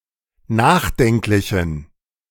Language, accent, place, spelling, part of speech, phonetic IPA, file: German, Germany, Berlin, nachdenklichen, adjective, [ˈnaːxˌdɛŋklɪçn̩], De-nachdenklichen.ogg
- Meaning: inflection of nachdenklich: 1. strong genitive masculine/neuter singular 2. weak/mixed genitive/dative all-gender singular 3. strong/weak/mixed accusative masculine singular 4. strong dative plural